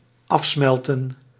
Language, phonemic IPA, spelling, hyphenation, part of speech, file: Dutch, /ˈɑfˌsmɛl.tə(n)/, afsmelten, af‧smel‧ten, verb, Nl-afsmelten.ogg
- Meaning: to melt off